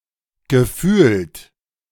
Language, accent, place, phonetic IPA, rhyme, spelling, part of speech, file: German, Germany, Berlin, [ɡəˈfyːlt], -yːlt, gefühlt, verb, De-gefühlt.ogg
- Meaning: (verb) 1. past participle of fühlen 2. perceived; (adverb) Used to mark a proposition as being purely based on one's subjective perception and likely exaggerated for emphasis; it feels as though